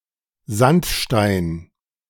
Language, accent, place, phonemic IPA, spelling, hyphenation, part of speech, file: German, Germany, Berlin, /ˈzantˌʃtaɪn/, Sandstein, Sand‧stein, noun, De-Sandstein.ogg
- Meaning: sandstone